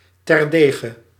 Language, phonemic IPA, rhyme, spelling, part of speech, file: Dutch, /ˌtɛrˈdeː.ɣə/, -eːɣə, terdege, adverb, Nl-terdege.ogg
- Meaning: very much, profoundly